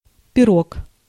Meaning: 1. pie; pirog 2. female genitalia; vagina or vulva 3. genitive plural of пиро́га (piróga)
- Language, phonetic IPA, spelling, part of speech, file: Russian, [pʲɪˈrok], пирог, noun, Ru-пирог.ogg